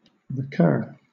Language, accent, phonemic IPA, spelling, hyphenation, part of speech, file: English, Southern England, /ɹɪˈkɜː/, recur, re‧cur, verb, LL-Q1860 (eng)-recur.wav
- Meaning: Of an event, situation, etc.: to appear or happen again, especially repeatedly